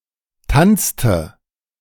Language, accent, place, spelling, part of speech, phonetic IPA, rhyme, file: German, Germany, Berlin, tanzte, verb, [ˈtant͡stə], -ant͡stə, De-tanzte.ogg
- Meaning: inflection of tanzen: 1. first/third-person singular preterite 2. first/third-person singular subjunctive II